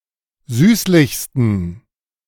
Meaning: 1. superlative degree of süßlich 2. inflection of süßlich: strong genitive masculine/neuter singular superlative degree
- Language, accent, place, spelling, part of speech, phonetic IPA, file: German, Germany, Berlin, süßlichsten, adjective, [ˈzyːslɪçstn̩], De-süßlichsten.ogg